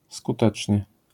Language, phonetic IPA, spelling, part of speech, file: Polish, [skuˈtɛt͡ʃʲɲɛ], skutecznie, adverb, LL-Q809 (pol)-skutecznie.wav